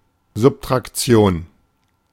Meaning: subtraction
- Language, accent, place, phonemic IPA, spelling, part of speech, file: German, Germany, Berlin, /zʊptʁakˈtsi̯oːn/, Subtraktion, noun, De-Subtraktion.ogg